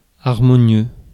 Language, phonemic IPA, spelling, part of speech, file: French, /aʁ.mɔ.njø/, harmonieux, adjective, Fr-harmonieux.ogg
- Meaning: harmonious